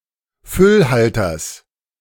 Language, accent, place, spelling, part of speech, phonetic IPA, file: German, Germany, Berlin, Füllhalters, noun, [ˈfʏlˌhaltɐs], De-Füllhalters.ogg
- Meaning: genitive of Füllhalter